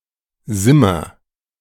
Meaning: contraction of sind + wir
- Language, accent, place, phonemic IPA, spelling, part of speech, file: German, Germany, Berlin, /ˈzɪmɐ/, simmer, verb, De-simmer.ogg